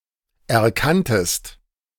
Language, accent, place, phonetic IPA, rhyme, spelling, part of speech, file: German, Germany, Berlin, [ɛɐ̯ˈkantəst], -antəst, erkanntest, verb, De-erkanntest.ogg
- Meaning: second-person singular preterite of erkennen